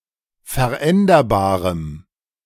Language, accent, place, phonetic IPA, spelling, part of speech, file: German, Germany, Berlin, [fɛɐ̯ˈʔɛndɐbaːʁəm], veränderbarem, adjective, De-veränderbarem.ogg
- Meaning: strong dative masculine/neuter singular of veränderbar